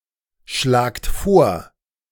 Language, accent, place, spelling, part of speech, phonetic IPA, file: German, Germany, Berlin, schlagt vor, verb, [ˌʃlaːkt ˈfoːɐ̯], De-schlagt vor.ogg
- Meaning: inflection of vorschlagen: 1. second-person plural present 2. plural imperative